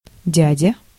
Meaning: 1. uncle 2. man, uncle (an older man; also as a term of address) 3. the man, boss (authority figure)
- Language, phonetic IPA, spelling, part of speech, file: Russian, [ˈdʲædʲə], дядя, noun, Ru-дядя.ogg